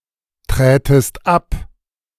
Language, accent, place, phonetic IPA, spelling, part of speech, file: German, Germany, Berlin, [ˌtʁɛːtəst ˈap], trätest ab, verb, De-trätest ab.ogg
- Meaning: second-person singular subjunctive II of abtreten